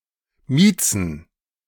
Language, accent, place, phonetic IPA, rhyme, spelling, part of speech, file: German, Germany, Berlin, [ˈmiːt͡sn̩], -iːt͡sn̩, Miezen, noun, De-Miezen.ogg
- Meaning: plural of Mieze